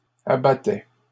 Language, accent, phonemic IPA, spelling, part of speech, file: French, Canada, /a.ba.tɛ/, abattait, verb, LL-Q150 (fra)-abattait.wav
- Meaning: third-person singular imperfect indicative of abattre